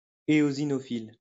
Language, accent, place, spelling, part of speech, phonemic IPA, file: French, France, Lyon, éosinophile, noun / adjective, /e.o.zi.nɔ.fil/, LL-Q150 (fra)-éosinophile.wav
- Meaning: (noun) eosinophil; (adjective) eosinophilic